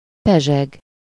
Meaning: 1. to sparkle, fizz, fizzle 2. to swarm, bustle
- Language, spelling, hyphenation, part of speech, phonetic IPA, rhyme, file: Hungarian, pezseg, pe‧zseg, verb, [ˈpɛʒɛɡ], -ɛɡ, Hu-pezseg.ogg